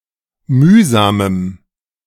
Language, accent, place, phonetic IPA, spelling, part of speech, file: German, Germany, Berlin, [ˈmyːzaːməm], mühsamem, adjective, De-mühsamem.ogg
- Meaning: strong dative masculine/neuter singular of mühsam